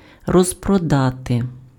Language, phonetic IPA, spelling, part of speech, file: Ukrainian, [rɔzprɔˈdate], розпродати, verb, Uk-розпродати.ogg
- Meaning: 1. to sell off (sell items for the purpose of getting rid of them) 2. to sell out (sell all of a product that is in stock)